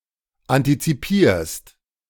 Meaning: second-person singular present of antizipieren
- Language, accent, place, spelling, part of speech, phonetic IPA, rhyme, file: German, Germany, Berlin, antizipierst, verb, [ˌantit͡siˈpiːɐ̯st], -iːɐ̯st, De-antizipierst.ogg